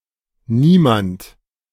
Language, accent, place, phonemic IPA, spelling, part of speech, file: German, Germany, Berlin, /ˈniːmant/, niemand, pronoun, De-niemand.ogg
- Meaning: nobody, no one